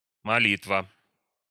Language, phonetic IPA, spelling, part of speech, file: Russian, [mɐˈlʲitvə], молитва, noun, Ru-молитва.ogg
- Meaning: prayer